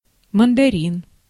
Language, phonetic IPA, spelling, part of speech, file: Russian, [məndɐˈrʲin], мандарин, noun, Ru-мандарин.ogg
- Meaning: 1. mandarin (citrus fruit) 2. Mandarin, Putonghua, Guoyu (also: путунхуа, литературный китайский)